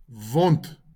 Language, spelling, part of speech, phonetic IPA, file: Afrikaans, wond, noun, [vɔnt], LL-Q14196 (afr)-wond.wav
- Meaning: wound, injury